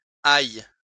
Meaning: 1. second-person singular present subjunctive of aller 2. second-person singular present indicative/subjunctive of ailler
- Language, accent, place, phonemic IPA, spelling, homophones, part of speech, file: French, France, Lyon, /aj/, ailles, aille / aillent, verb, LL-Q150 (fra)-ailles.wav